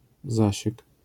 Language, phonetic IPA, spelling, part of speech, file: Polish, [ˈzaɕɛk], zasiek, noun, LL-Q809 (pol)-zasiek.wav